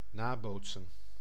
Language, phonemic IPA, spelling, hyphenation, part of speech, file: Dutch, /ˈnaːˌboːt.sə(n)/, nabootsen, na‧boot‧sen, verb, Nl-nabootsen.ogg
- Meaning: 1. to imitate, to mimic 2. to copy, to replicate